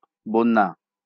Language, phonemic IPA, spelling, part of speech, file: Bengali, /bɔnːa/, বন্যা, noun, LL-Q9610 (ben)-বন্যা.wav
- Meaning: flood